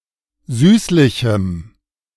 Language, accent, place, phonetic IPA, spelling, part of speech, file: German, Germany, Berlin, [ˈzyːslɪçm̩], süßlichem, adjective, De-süßlichem.ogg
- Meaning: strong dative masculine/neuter singular of süßlich